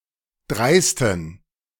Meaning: inflection of dreist: 1. strong genitive masculine/neuter singular 2. weak/mixed genitive/dative all-gender singular 3. strong/weak/mixed accusative masculine singular 4. strong dative plural
- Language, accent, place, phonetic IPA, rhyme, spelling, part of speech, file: German, Germany, Berlin, [ˈdʁaɪ̯stn̩], -aɪ̯stn̩, dreisten, adjective, De-dreisten.ogg